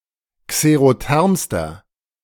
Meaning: inflection of xerotherm: 1. strong/mixed nominative masculine singular superlative degree 2. strong genitive/dative feminine singular superlative degree 3. strong genitive plural superlative degree
- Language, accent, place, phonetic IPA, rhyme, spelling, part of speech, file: German, Germany, Berlin, [kseʁoˈtɛʁmstɐ], -ɛʁmstɐ, xerothermster, adjective, De-xerothermster.ogg